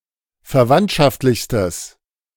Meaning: strong/mixed nominative/accusative neuter singular superlative degree of verwandtschaftlich
- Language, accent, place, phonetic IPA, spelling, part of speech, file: German, Germany, Berlin, [fɛɐ̯ˈvantʃaftlɪçstəs], verwandtschaftlichstes, adjective, De-verwandtschaftlichstes.ogg